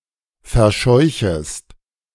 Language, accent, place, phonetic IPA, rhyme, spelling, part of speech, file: German, Germany, Berlin, [fɛɐ̯ˈʃɔɪ̯çəst], -ɔɪ̯çəst, verscheuchest, verb, De-verscheuchest.ogg
- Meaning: second-person singular subjunctive I of verscheuchen